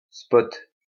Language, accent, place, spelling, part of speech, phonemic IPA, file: French, France, Lyon, spot, noun, /spɔt/, LL-Q150 (fra)-spot.wav
- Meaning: 1. light spot 2. blip (on radar) 3. spotlight, spot 4. area 5. spot; a brief segment on television